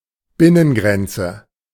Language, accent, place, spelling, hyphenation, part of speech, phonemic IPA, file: German, Germany, Berlin, Binnengrenze, Bin‧nen‧gren‧ze, noun, /ˈbɪnənˌɡʁɛnt͡sə/, De-Binnengrenze.ogg
- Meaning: internal border